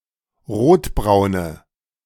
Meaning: inflection of rotbraun: 1. strong/mixed nominative/accusative feminine singular 2. strong nominative/accusative plural 3. weak nominative all-gender singular
- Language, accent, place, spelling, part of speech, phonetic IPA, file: German, Germany, Berlin, rotbraune, adjective, [ˈʁoːtˌbʁaʊ̯nə], De-rotbraune.ogg